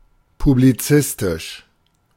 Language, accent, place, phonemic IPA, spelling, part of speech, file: German, Germany, Berlin, /publiˈt͡sɪstɪʃ/, publizistisch, adjective, De-publizistisch.ogg
- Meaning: published